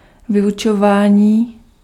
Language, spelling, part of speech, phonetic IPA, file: Czech, vyučování, noun, [ˈvɪjut͡ʃovaːɲiː], Cs-vyučování.ogg
- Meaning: 1. verbal noun of vyučovat 2. teaching, education 3. class, classes